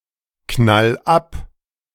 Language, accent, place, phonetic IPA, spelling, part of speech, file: German, Germany, Berlin, [ˌknal ˈap], knall ab, verb, De-knall ab.ogg
- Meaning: 1. singular imperative of abknallen 2. first-person singular present of abknallen